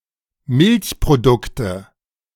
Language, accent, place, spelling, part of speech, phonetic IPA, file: German, Germany, Berlin, Milchprodukte, noun, [ˈmɪlçpʁoˌdʊktə], De-Milchprodukte.ogg
- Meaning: nominative/accusative/genitive plural of Milchprodukt